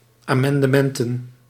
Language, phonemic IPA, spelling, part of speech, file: Dutch, /ˌamɑndəˈmɛntə(n)/, amendementen, noun, Nl-amendementen.ogg
- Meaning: plural of amendement